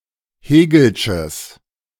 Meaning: strong/mixed nominative/accusative neuter singular of hegelsch
- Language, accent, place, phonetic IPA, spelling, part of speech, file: German, Germany, Berlin, [ˈheːɡl̩ʃəs], hegelsches, adjective, De-hegelsches.ogg